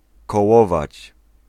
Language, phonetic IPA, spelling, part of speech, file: Polish, [kɔˈwɔvat͡ɕ], kołować, verb, Pl-kołować.ogg